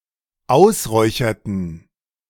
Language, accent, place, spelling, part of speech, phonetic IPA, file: German, Germany, Berlin, ausräucherten, verb, [ˈaʊ̯sˌʁɔɪ̯çɐtn̩], De-ausräucherten.ogg
- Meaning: inflection of ausräuchern: 1. first/third-person plural dependent preterite 2. first/third-person plural dependent subjunctive II